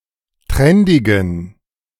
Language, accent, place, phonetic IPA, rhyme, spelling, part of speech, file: German, Germany, Berlin, [ˈtʁɛndɪɡn̩], -ɛndɪɡn̩, trendigen, adjective, De-trendigen.ogg
- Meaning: inflection of trendig: 1. strong genitive masculine/neuter singular 2. weak/mixed genitive/dative all-gender singular 3. strong/weak/mixed accusative masculine singular 4. strong dative plural